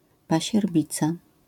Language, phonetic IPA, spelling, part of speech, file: Polish, [ˌpaɕɛrˈbʲit͡sa], pasierbica, noun, LL-Q809 (pol)-pasierbica.wav